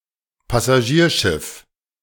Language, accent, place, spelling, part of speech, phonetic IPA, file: German, Germany, Berlin, Passagierschiff, noun, [pasaˈʒiːɐ̯ˌʃɪf], De-Passagierschiff.ogg
- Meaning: passenger ship